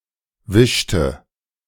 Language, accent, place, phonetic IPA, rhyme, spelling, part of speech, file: German, Germany, Berlin, [ˈvɪʃtə], -ɪʃtə, wischte, verb, De-wischte.ogg
- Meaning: inflection of wischen: 1. first/third-person singular preterite 2. first/third-person singular subjunctive II